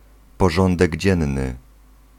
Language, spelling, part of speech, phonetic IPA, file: Polish, porządek dzienny, noun, [pɔˈʒɔ̃ndɛɟ ˈd͡ʑɛ̃nːɨ], Pl-porządek dzienny.ogg